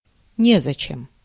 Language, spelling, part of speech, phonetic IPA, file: Russian, незачем, adverb, [ˈnʲezət͡ɕɪm], Ru-незачем.ogg
- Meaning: there is no need (to), there is no use (to)